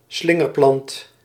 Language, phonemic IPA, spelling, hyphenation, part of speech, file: Dutch, /ˈslɪ.ŋərˌplɑnt/, slingerplant, slin‧ger‧plant, noun, Nl-slingerplant.ogg
- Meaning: twiner; bine (twining plant)